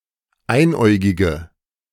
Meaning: inflection of einäugig: 1. strong/mixed nominative/accusative feminine singular 2. strong nominative/accusative plural 3. weak nominative all-gender singular
- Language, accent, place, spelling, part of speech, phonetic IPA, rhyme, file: German, Germany, Berlin, einäugige, adjective, [ˈaɪ̯nˌʔɔɪ̯ɡɪɡə], -aɪ̯nʔɔɪ̯ɡɪɡə, De-einäugige.ogg